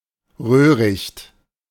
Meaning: reed, especially a thicket or larger area thereof
- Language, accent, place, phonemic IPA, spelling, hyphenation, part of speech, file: German, Germany, Berlin, /ˈʁøːʁɪçt/, Röhricht, Röh‧richt, noun, De-Röhricht.ogg